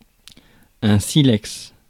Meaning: flint
- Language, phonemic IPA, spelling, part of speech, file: French, /si.lɛks/, silex, noun, Fr-silex.ogg